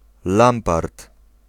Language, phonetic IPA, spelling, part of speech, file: Polish, [ˈlãmpart], lampart, noun, Pl-lampart.ogg